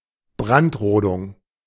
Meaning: slash and burn
- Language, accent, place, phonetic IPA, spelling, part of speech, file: German, Germany, Berlin, [ˈbʁantˌʁoːdʊŋ], Brandrodung, noun, De-Brandrodung.ogg